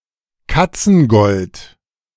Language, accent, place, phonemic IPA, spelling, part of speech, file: German, Germany, Berlin, /ˈkat͡sn̩ˌɡɔlt/, Katzengold, noun, De-Katzengold.ogg
- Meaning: pyrite; fool's gold; a mineral from the class of sulfides with the chemical formula FeS₂